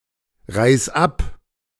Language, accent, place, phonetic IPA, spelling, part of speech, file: German, Germany, Berlin, [ˌʁaɪ̯s ˈap], reis ab, verb, De-reis ab.ogg
- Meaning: 1. singular imperative of abreisen 2. first-person singular present of abreisen